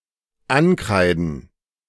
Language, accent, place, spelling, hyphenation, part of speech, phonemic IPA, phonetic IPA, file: German, Germany, Berlin, ankreiden, an‧krei‧den, verb, /ˈanˌkʁaɪ̯dən/, [ˈʔanˌkʁaɪ̯dn̩], De-ankreiden.ogg
- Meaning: to chalk up to, to blame